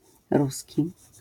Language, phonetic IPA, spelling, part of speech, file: Polish, [ˈrusʲci], ruski, adjective / noun, LL-Q809 (pol)-ruski.wav